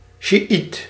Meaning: a Shi'a Muslim, a Shiite
- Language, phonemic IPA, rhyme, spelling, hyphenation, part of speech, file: Dutch, /ʃiˈit/, -it, sjiiet, sji‧iet, noun, Nl-sjiiet.ogg